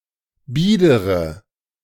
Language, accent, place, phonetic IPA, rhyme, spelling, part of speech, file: German, Germany, Berlin, [ˈbiːdəʁə], -iːdəʁə, biedere, adjective, De-biedere.ogg
- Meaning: inflection of bieder: 1. strong/mixed nominative/accusative feminine singular 2. strong nominative/accusative plural 3. weak nominative all-gender singular 4. weak accusative feminine/neuter singular